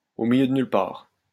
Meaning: in the sticks, in the middle of nowhere
- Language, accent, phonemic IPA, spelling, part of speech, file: French, France, /o mi.ljø d(ə) nyl paʁ/, au milieu de nulle part, adverb, LL-Q150 (fra)-au milieu de nulle part.wav